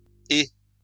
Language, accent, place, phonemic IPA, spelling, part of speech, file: French, France, Lyon, /e/, -ée, suffix, LL-Q150 (fra)--ée.wav
- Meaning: forms a feminine noun indicating a quantity or content measured by what the base noun denotes, often translatable as -ful in English